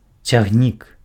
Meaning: train (line of connected cars or carriages)
- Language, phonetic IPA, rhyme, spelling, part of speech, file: Belarusian, [t͡sʲaɣˈnʲik], -ik, цягнік, noun, Be-цягнік.ogg